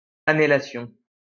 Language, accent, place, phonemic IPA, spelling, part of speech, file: French, France, Lyon, /a.ne.la.sjɔ̃/, anhélation, noun, LL-Q150 (fra)-anhélation.wav
- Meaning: anhelation, shortness of breath